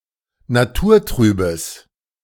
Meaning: strong/mixed nominative/accusative neuter singular of naturtrüb
- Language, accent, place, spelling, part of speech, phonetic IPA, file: German, Germany, Berlin, naturtrübes, adjective, [naˈtuːɐ̯ˌtʁyːbəs], De-naturtrübes.ogg